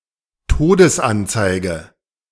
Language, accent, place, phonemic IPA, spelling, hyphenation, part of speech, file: German, Germany, Berlin, /ˈtoːdəsˌʔant͡saɪ̯ɡə/, Todesanzeige, To‧des‧an‧zei‧ge, noun, De-Todesanzeige.ogg
- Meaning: obituary